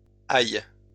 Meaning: plural of ail
- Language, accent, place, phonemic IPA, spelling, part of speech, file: French, France, Lyon, /aj/, ails, noun, LL-Q150 (fra)-ails.wav